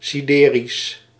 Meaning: sidereal (of or relating to the stars)
- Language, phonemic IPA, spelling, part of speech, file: Dutch, /siˈderis/, siderisch, adjective, Nl-siderisch.ogg